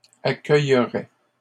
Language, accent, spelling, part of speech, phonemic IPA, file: French, Canada, accueillerait, verb, /a.kœj.ʁɛ/, LL-Q150 (fra)-accueillerait.wav
- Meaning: third-person singular conditional of accueillir